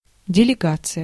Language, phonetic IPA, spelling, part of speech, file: Russian, [dʲɪlʲɪˈɡat͡sɨjə], делегация, noun, Ru-делегация.ogg
- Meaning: delegation (a group of delegates)